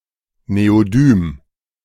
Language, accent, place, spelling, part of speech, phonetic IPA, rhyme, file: German, Germany, Berlin, Neodym, noun, [neoˈdyːm], -yːm, De-Neodym.ogg
- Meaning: neodymium